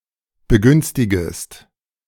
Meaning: second-person singular subjunctive I of begünstigen
- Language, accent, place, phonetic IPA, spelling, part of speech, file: German, Germany, Berlin, [bəˈɡʏnstɪɡəst], begünstigest, verb, De-begünstigest.ogg